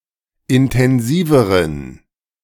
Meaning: inflection of intensiv: 1. strong genitive masculine/neuter singular comparative degree 2. weak/mixed genitive/dative all-gender singular comparative degree
- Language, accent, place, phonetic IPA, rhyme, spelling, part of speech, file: German, Germany, Berlin, [ɪntɛnˈziːvəʁən], -iːvəʁən, intensiveren, adjective, De-intensiveren.ogg